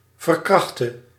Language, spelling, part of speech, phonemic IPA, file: Dutch, verkrachte, verb, /vər.ˈkrɑx.tə/, Nl-verkrachte.ogg
- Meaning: singular present subjunctive of verkrachten